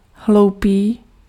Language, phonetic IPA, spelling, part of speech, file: Czech, [ˈɦlou̯piː], hloupý, adjective, Cs-hloupý.ogg
- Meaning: stupid